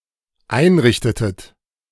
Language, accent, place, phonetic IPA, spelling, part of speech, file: German, Germany, Berlin, [ˈaɪ̯nˌʁɪçtətət], einrichtetet, verb, De-einrichtetet.ogg
- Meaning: inflection of einrichten: 1. second-person plural dependent preterite 2. second-person plural dependent subjunctive II